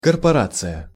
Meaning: 1. corporation, company 2. association, organization (group of people with a common interest)
- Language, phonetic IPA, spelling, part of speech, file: Russian, [kərpɐˈrat͡sɨjə], корпорация, noun, Ru-корпорация.ogg